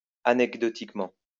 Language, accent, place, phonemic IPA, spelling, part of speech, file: French, France, Lyon, /a.nɛk.dɔ.tik.mɑ̃/, anecdotiquement, adverb, LL-Q150 (fra)-anecdotiquement.wav
- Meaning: anecdotally